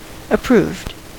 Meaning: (adjective) 1. Having received approval 2. Proven or demonstrated by experience; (verb) simple past and past participle of approve
- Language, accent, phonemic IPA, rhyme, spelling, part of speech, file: English, US, /əˈpɹuːvd/, -uːvd, approved, adjective / verb, En-us-approved.ogg